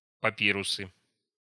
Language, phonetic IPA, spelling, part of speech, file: Russian, [pɐˈpʲirʊsɨ], папирусы, noun, Ru-папирусы.ogg
- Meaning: nominative/accusative plural of папи́рус (papírus)